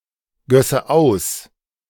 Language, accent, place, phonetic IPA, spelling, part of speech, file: German, Germany, Berlin, [ˌɡœsə ˈaʊ̯s], gösse aus, verb, De-gösse aus.ogg
- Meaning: first/third-person singular subjunctive II of ausgießen